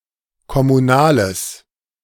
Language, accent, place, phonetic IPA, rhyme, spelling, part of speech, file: German, Germany, Berlin, [kɔmuˈnaːləs], -aːləs, kommunales, adjective, De-kommunales.ogg
- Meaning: strong/mixed nominative/accusative neuter singular of kommunal